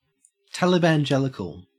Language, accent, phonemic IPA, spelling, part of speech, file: English, Australia, /tæləbænˈd͡ʒɛlɪkəl/, Talibangelical, noun / adjective, En-au-Talibangelical.ogg
- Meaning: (noun) An overzealous evangelical Christian, especially one who espouses strong right-wing views; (adjective) Of, relating to, or espousing strong right-wing evangelical Christian views